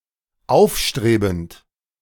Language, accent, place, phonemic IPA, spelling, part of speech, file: German, Germany, Berlin, /ˈaʊfʃtʁeːbənt/, aufstrebend, verb / adjective, De-aufstrebend.ogg
- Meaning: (verb) present participle of aufstreben; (adjective) 1. up-and-coming (town etc.) 2. ambitious (personality) 3. rising (economy etc.)